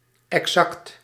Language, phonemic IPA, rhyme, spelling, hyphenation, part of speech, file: Dutch, /ɛkˈsɑkt/, -ɑkt, exact, exact, adjective, Nl-exact.ogg
- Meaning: exact, precise